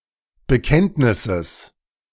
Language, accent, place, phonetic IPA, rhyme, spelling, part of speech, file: German, Germany, Berlin, [bəˈkɛntnɪsəs], -ɛntnɪsəs, Bekenntnisses, noun, De-Bekenntnisses.ogg
- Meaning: genitive singular of Bekenntnis